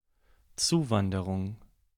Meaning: immigration
- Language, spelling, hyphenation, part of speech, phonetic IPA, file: German, Zuwanderung, Zu‧wan‧de‧rung, noun, [ˈt͡suːˌvandəʁʊŋ], De-Zuwanderung.ogg